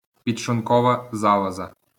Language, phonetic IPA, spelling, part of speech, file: Ukrainian, [pʲid͡ʒʃɫʊnˈkɔʋɐ ˈzaɫɔzɐ], підшлункова залоза, noun, LL-Q8798 (ukr)-підшлункова залоза.wav
- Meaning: pancreas